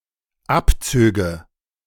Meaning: first/third-person singular dependent subjunctive II of abziehen
- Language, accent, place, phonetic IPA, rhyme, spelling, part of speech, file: German, Germany, Berlin, [ˈapˌt͡søːɡə], -apt͡søːɡə, abzöge, verb, De-abzöge.ogg